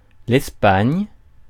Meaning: Spain (a country in Southern Europe, including most of the Iberian peninsula)
- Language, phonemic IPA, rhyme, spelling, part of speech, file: French, /ɛs.paɲ/, -aɲ, Espagne, proper noun, Fr-Espagne.ogg